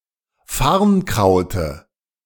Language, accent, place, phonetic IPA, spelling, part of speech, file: German, Germany, Berlin, [ˈfaʁnˌkʁaʊ̯tə], Farnkraute, noun, De-Farnkraute.ogg
- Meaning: dative singular of Farnkraut